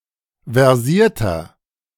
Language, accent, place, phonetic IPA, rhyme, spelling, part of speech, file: German, Germany, Berlin, [vɛʁˈziːɐ̯tɐ], -iːɐ̯tɐ, versierter, adjective, De-versierter.ogg
- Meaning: 1. comparative degree of versiert 2. inflection of versiert: strong/mixed nominative masculine singular 3. inflection of versiert: strong genitive/dative feminine singular